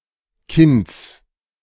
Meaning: genitive singular of Kind
- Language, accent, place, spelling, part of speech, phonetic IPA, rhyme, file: German, Germany, Berlin, Kinds, noun, [kɪnt͡s], -ɪnt͡s, De-Kinds.ogg